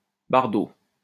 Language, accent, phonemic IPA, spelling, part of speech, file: French, France, /baʁ.do/, bardeau, noun, LL-Q150 (fra)-bardeau.wav
- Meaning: 1. clapboard, roof tile 2. shingles